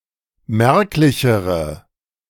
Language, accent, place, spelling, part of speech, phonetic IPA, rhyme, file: German, Germany, Berlin, merklichere, adjective, [ˈmɛʁklɪçəʁə], -ɛʁklɪçəʁə, De-merklichere.ogg
- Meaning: inflection of merklich: 1. strong/mixed nominative/accusative feminine singular comparative degree 2. strong nominative/accusative plural comparative degree